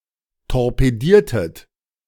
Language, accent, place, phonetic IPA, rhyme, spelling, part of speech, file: German, Germany, Berlin, [tɔʁpeˈdiːɐ̯tət], -iːɐ̯tət, torpediertet, verb, De-torpediertet.ogg
- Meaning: inflection of torpedieren: 1. second-person plural preterite 2. second-person plural subjunctive II